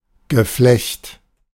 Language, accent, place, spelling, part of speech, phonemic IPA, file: German, Germany, Berlin, Geflecht, noun, /ɡəˈflɛçt/, De-Geflecht.ogg
- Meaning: 1. mesh, netting 2. network